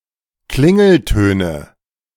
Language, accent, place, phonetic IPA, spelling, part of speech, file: German, Germany, Berlin, [ˈklɪŋl̩ˌtøːnə], Klingeltöne, noun, De-Klingeltöne.ogg
- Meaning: nominative/accusative/genitive plural of Klingelton